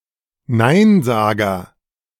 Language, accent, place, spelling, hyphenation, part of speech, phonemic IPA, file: German, Germany, Berlin, Neinsager, Nein‧sa‧ger, noun, /ˈnaɪ̯nˌzaːɡɐ/, De-Neinsager.ogg
- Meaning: naysayer (nay-sayer) (male or of unspecified gender)